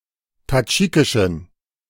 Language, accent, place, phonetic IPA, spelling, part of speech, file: German, Germany, Berlin, [taˈd͡ʒiːkɪʃn̩], tadschikischen, adjective, De-tadschikischen.ogg
- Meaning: inflection of tadschikisch: 1. strong genitive masculine/neuter singular 2. weak/mixed genitive/dative all-gender singular 3. strong/weak/mixed accusative masculine singular 4. strong dative plural